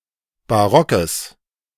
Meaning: strong/mixed nominative/accusative neuter singular of barock
- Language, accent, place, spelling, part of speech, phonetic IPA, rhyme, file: German, Germany, Berlin, barockes, adjective, [baˈʁɔkəs], -ɔkəs, De-barockes.ogg